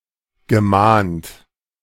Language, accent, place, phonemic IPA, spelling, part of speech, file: German, Germany, Berlin, /ɡəˈmaːnt/, gemahnt, verb, De-gemahnt.ogg
- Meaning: past participle of mahnen